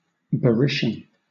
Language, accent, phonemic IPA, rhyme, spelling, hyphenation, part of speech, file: English, Southern England, /bəˈɹɪʃən/, -ɪʃən, Berytian, Be‧ryt‧ian, adjective / noun, LL-Q1860 (eng)-Berytian.wav
- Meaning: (adjective) Of or pertaining to Berytus (“the ancient city of Beirut”); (noun) A native or inhabitant of Berytus (“the ancient city of Beirut”)